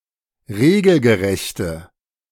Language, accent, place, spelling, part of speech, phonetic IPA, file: German, Germany, Berlin, regelgerechte, adjective, [ˈʁeːɡl̩ɡəˌʁɛçtə], De-regelgerechte.ogg
- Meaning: inflection of regelgerecht: 1. strong/mixed nominative/accusative feminine singular 2. strong nominative/accusative plural 3. weak nominative all-gender singular